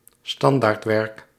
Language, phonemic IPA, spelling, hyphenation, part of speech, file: Dutch, /ˈstɑn.daːrtˌʋɛrk/, standaardwerk, stan‧daard‧werk, noun, Nl-standaardwerk.ogg
- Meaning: standard work